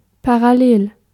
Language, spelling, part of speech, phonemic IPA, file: German, parallel, adjective, /paʁaˈleːl/, De-parallel.ogg
- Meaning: 1. parallel 2. serving the same purpose, leading to the same result